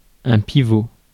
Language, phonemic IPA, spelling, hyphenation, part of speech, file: French, /pi.vo/, pivot, pi‧vot, noun, Fr-pivot.ogg
- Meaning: 1. pivot 2. fulcrum 3. lynchpin 4. taproot 5. center 6. circle runner, pivot